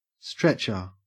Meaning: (noun) 1. Someone or something that stretches 2. A simple litter designed to carry a sick, injured, or dead person 3. A frame on which a canvas is stretched for painting
- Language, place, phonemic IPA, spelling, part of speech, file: English, Queensland, /ˈstɹet͡ʃə/, stretcher, noun / verb, En-au-stretcher.ogg